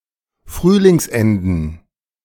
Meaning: plural of Frühlingsende
- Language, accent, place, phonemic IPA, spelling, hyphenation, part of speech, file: German, Germany, Berlin, /ˈfʁyːlɪŋsˌɛndn̩/, Frühlingsenden, Früh‧lings‧en‧den, noun, De-Frühlingsenden.ogg